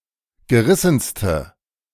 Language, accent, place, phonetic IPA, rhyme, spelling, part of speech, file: German, Germany, Berlin, [ɡəˈʁɪsn̩stə], -ɪsn̩stə, gerissenste, adjective, De-gerissenste.ogg
- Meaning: inflection of gerissen: 1. strong/mixed nominative/accusative feminine singular superlative degree 2. strong nominative/accusative plural superlative degree